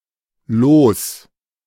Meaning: 1. lottery ticket 2. lot, fate 3. batch, a calculated amount of produced units (such as in batch production, but even used in architecture to mean sections of a building project)
- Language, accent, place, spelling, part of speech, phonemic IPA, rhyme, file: German, Germany, Berlin, Los, noun, /loːs/, -oːs, De-Los.ogg